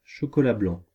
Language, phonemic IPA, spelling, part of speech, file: French, /ʃɔ.kɔ.la blɑ̃/, chocolat blanc, noun, Fr-chocolat blanc.ogg
- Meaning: white chocolate